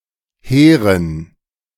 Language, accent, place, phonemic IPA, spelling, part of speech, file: German, Germany, Berlin, /ˈheːʁən/, hehren, adjective, De-hehren.ogg
- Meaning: inflection of hehr: 1. strong genitive masculine/neuter singular 2. weak/mixed genitive/dative all-gender singular 3. strong/weak/mixed accusative masculine singular 4. strong dative plural